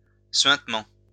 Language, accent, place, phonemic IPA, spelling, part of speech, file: French, France, Lyon, /sɥɛ̃t.mɑ̃/, suintement, noun, LL-Q150 (fra)-suintement.wav
- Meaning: oozing